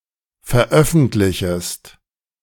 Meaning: second-person singular subjunctive I of veröffentlichen
- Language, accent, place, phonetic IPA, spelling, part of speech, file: German, Germany, Berlin, [fɛɐ̯ˈʔœfn̩tlɪçəst], veröffentlichest, verb, De-veröffentlichest.ogg